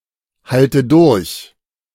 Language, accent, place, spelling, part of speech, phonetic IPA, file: German, Germany, Berlin, halte durch, verb, [ˌhaltə ˈdʊʁç], De-halte durch.ogg
- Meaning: inflection of durchhalten: 1. first-person singular present 2. first/third-person singular subjunctive I 3. singular imperative